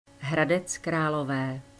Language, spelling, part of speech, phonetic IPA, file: Czech, Hradec Králové, proper noun, [ɦradɛt͡s kraːlovɛː], Cs Hradec Králové.ogg
- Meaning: Hradec Králové (a city in the Czech Republic), located at the west Bohemia at the confluence of the Elbe and the Orlice river